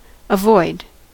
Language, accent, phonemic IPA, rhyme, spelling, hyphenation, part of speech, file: English, US, /əˈvɔɪd/, -ɔɪd, avoid, avoid, verb, En-us-avoid.ogg
- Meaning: 1. To try not to meet or communicate with (a person); to shun 2. To stay out of the way of (something harmful) 3. To keep away from; to keep clear of; to stay away from